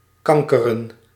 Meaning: 1. to grouse, to complain 2. to proliferate
- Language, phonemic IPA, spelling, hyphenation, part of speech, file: Dutch, /ˈkɑŋ.kə.rə(n)/, kankeren, kan‧ke‧ren, verb, Nl-kankeren.ogg